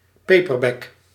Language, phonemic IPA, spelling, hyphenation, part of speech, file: Dutch, /ˈpeː.pərˌbɛk/, paperback, pa‧per‧back, noun / adjective, Nl-paperback.ogg
- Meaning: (noun) a paperback; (adjective) paperback